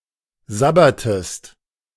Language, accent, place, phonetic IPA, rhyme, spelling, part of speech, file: German, Germany, Berlin, [ˈzabɐtəst], -abɐtəst, sabbertest, verb, De-sabbertest.ogg
- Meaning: inflection of sabbern: 1. second-person singular preterite 2. second-person singular subjunctive II